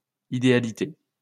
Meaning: 1. ideality (quality or state of being ideal) 2. idealism
- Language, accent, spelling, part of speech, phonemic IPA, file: French, France, idéalité, noun, /i.de.a.li.te/, LL-Q150 (fra)-idéalité.wav